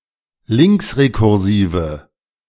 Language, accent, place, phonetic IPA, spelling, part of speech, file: German, Germany, Berlin, [ˈlɪŋksʁekʊʁˌziːvə], linksrekursive, adjective, De-linksrekursive.ogg
- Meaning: inflection of linksrekursiv: 1. strong/mixed nominative/accusative feminine singular 2. strong nominative/accusative plural 3. weak nominative all-gender singular